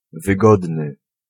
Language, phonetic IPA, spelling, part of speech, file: Polish, [vɨˈɡɔdnɨ], wygodny, adjective, Pl-wygodny.ogg